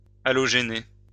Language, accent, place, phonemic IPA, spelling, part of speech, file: French, France, Lyon, /a.lɔ.ʒe.ne/, halogéner, verb, LL-Q150 (fra)-halogéner.wav
- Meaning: to halogenate